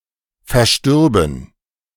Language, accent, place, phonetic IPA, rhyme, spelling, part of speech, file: German, Germany, Berlin, [fɛɐ̯ˈʃtʏʁbn̩], -ʏʁbn̩, verstürben, verb, De-verstürben.ogg
- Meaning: first-person plural subjunctive II of versterben